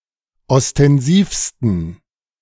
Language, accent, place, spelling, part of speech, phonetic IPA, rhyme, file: German, Germany, Berlin, ostensivsten, adjective, [ɔstɛnˈziːfstn̩], -iːfstn̩, De-ostensivsten.ogg
- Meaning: 1. superlative degree of ostensiv 2. inflection of ostensiv: strong genitive masculine/neuter singular superlative degree